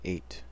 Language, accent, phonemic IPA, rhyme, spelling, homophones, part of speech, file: English, US, /eɪt/, -eɪt, eight, ate, numeral / noun / adjective, En-us-eight.ogg
- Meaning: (numeral) 1. A numerical value equal to 8; the number occurring after seven and before nine 2. Describing a group or set with eight elements; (noun) The digit/figure 8